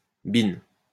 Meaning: alternative spelling of bien (in the adverb sense "very" or in the interjection sense "well, ...")
- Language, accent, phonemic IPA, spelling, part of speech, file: French, France, /bɛ̃/, bin, adverb, LL-Q150 (fra)-bin.wav